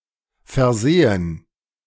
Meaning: mistake, oversight
- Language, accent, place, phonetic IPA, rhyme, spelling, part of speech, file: German, Germany, Berlin, [fɛɐ̯ˈzeːən], -eːən, Versehen, noun, De-Versehen.ogg